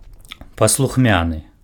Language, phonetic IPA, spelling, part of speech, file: Belarusian, [pasɫuxˈmʲanɨ], паслухмяны, adjective, Be-паслухмяны.ogg
- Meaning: obedient